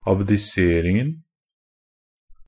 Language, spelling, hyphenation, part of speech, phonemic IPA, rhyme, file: Norwegian Bokmål, abdiseringen, ab‧di‧ser‧ing‧en, noun, /abdɪˈseːrɪŋn̩/, -ɪŋn̩, NB - Pronunciation of Norwegian Bokmål «abdiseringen».ogg
- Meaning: definite singular of abdisering